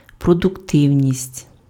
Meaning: productivity, productiveness
- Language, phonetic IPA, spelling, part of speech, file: Ukrainian, [prɔdʊkˈtɪu̯nʲisʲtʲ], продуктивність, noun, Uk-продуктивність.ogg